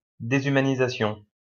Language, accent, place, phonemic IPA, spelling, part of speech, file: French, France, Lyon, /de.zy.ma.ni.za.sjɔ̃/, déshumanisation, noun, LL-Q150 (fra)-déshumanisation.wav
- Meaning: dehumanization